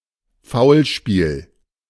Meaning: foul play
- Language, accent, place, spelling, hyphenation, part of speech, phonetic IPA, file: German, Germany, Berlin, Foulspiel, Foul‧spiel, noun, [ˈfaʊ̯lˌʃpiːl], De-Foulspiel.ogg